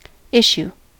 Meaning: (noun) The action or an instance of flowing or coming out, an outflow: A movement of soldiers towards an enemy, a sortie
- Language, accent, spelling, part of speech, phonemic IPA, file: English, US, issue, noun / verb, /ˈɪʃ(j)u/, En-us-issue.ogg